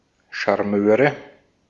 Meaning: nominative/accusative/genitive plural of Charmeur
- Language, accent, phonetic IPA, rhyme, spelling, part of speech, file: German, Austria, [ʃaʁˈmøːʁə], -øːʁə, Charmeure, noun, De-at-Charmeure.ogg